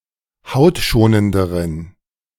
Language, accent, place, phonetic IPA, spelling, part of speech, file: German, Germany, Berlin, [ˈhaʊ̯tˌʃoːnəndəʁən], hautschonenderen, adjective, De-hautschonenderen.ogg
- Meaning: inflection of hautschonend: 1. strong genitive masculine/neuter singular comparative degree 2. weak/mixed genitive/dative all-gender singular comparative degree